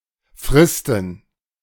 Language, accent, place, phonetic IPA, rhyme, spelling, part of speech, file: German, Germany, Berlin, [ˈfʁɪstn̩], -ɪstn̩, Fristen, noun, De-Fristen.ogg
- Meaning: plural of Frist